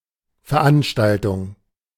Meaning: public event or community gathering with a specific theme or purpose and a specific duration
- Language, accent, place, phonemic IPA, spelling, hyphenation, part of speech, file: German, Germany, Berlin, /fɛɐ̯ˈanʃtaltʊŋ/, Veranstaltung, Ver‧an‧stal‧tung, noun, De-Veranstaltung.ogg